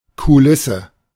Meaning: 1. scenery; set; flat 2. scenery; setting; background (place or context in which something happens)
- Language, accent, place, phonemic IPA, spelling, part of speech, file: German, Germany, Berlin, /kuˈlɪsə/, Kulisse, noun, De-Kulisse.ogg